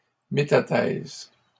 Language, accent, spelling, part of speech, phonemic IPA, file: French, Canada, métathèse, noun, /me.ta.tɛz/, LL-Q150 (fra)-métathèse.wav
- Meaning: 1. metathesis (the breaking and reforming of double bonds in olefins in which substituent groups are swapped) 2. metathesis